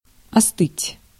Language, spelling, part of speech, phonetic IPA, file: Russian, остыть, verb, [ɐˈstɨtʲ], Ru-остыть.ogg
- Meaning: 1. to cool down (to become cooler in temperature) 2. to calm down, to chill out